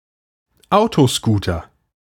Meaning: bumper car
- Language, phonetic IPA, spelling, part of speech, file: German, [ˈaʊ̯toˌskuːtɐ], Autoscooter, noun, De-Autoscooter.ogg